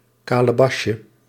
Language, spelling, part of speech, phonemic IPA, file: Dutch, kalebasje, noun, /ˌkaləˈbɑʃə/, Nl-kalebasje.ogg
- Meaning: diminutive of kalebas